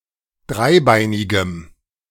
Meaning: strong dative masculine/neuter singular of dreibeinig
- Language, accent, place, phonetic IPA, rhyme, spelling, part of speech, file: German, Germany, Berlin, [ˈdʁaɪ̯ˌbaɪ̯nɪɡəm], -aɪ̯baɪ̯nɪɡəm, dreibeinigem, adjective, De-dreibeinigem.ogg